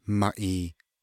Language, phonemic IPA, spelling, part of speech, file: Navajo, /mɑ̃̀ʔìː/, mąʼii, noun, Nv-mąʼii.ogg
- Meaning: 1. coyote 2. Used in colloquial themes connoting contempt